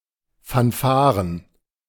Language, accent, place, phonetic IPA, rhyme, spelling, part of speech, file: German, Germany, Berlin, [ˌfanˈfaːʁən], -aːʁən, Fanfaren, noun, De-Fanfaren.ogg
- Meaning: plural of Fanfare